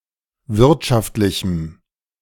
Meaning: strong dative masculine/neuter singular of wirtschaftlich
- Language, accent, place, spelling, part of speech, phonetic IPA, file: German, Germany, Berlin, wirtschaftlichem, adjective, [ˈvɪʁtʃaftlɪçm̩], De-wirtschaftlichem.ogg